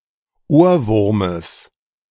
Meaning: genitive singular of Ohrwurm
- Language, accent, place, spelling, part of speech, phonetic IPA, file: German, Germany, Berlin, Ohrwurmes, noun, [ˈoːɐ̯ˌvʊʁməs], De-Ohrwurmes.ogg